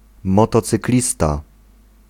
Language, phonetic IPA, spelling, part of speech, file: Polish, [ˌmɔtɔt͡sɨkˈlʲista], motocyklista, noun, Pl-motocyklista.ogg